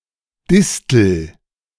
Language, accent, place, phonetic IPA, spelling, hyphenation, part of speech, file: German, Germany, Berlin, [ˈdɪs.tl̩], Distel, Dis‧tel, noun, De-Distel.ogg
- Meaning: thistle